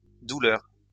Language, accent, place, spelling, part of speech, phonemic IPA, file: French, France, Lyon, douleurs, noun, /du.lœʁ/, LL-Q150 (fra)-douleurs.wav
- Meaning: plural of douleur